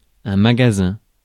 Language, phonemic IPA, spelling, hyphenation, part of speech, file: French, /ma.ɡa.zɛ̃/, magasin, ma‧ga‧sin, noun, Fr-magasin.ogg
- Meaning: 1. shop, store 2. warehouse, storehouse 3. magazine (repository of armaments) 4. magazine (part of a weapon) 5. barn